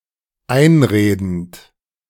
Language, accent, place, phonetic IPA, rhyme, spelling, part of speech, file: German, Germany, Berlin, [ˈaɪ̯nˌʁeːdn̩t], -aɪ̯nʁeːdn̩t, einredend, verb, De-einredend.ogg
- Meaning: present participle of einreden